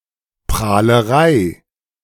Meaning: bragging
- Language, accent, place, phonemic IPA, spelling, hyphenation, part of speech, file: German, Germany, Berlin, /pʁaːləˈʁaɪ̯/, Prahlerei, Prah‧le‧rei, noun, De-Prahlerei.ogg